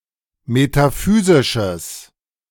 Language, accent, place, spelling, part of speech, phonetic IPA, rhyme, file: German, Germany, Berlin, metaphysisches, adjective, [metaˈfyːzɪʃəs], -yːzɪʃəs, De-metaphysisches.ogg
- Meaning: strong/mixed nominative/accusative neuter singular of metaphysisch